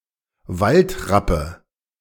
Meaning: nominative/accusative/genitive plural of Waldrapp
- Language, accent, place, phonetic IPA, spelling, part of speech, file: German, Germany, Berlin, [ˈvaltʁapə], Waldrappe, noun, De-Waldrappe.ogg